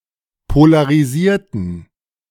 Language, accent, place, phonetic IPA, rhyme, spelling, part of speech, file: German, Germany, Berlin, [polaʁiˈziːɐ̯tn̩], -iːɐ̯tn̩, polarisierten, adjective / verb, De-polarisierten.ogg
- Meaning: inflection of polarisieren: 1. first/third-person plural preterite 2. first/third-person plural subjunctive II